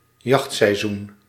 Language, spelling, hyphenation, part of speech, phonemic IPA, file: Dutch, jachtseizoen, jacht‧sei‧zoen, noun, /ˈjɑxt.sɛi̯ˌzun/, Nl-jachtseizoen.ogg
- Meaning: hunting season